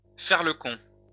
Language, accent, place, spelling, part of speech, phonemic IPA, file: French, France, Lyon, faire le con, verb, /fɛʁ lə kɔ̃/, LL-Q150 (fra)-faire le con.wav
- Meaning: to fool around